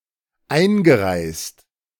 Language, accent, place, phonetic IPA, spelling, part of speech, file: German, Germany, Berlin, [ˈaɪ̯nɡəˌʁaɪ̯st], eingereist, verb, De-eingereist.ogg
- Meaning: past participle of einreisen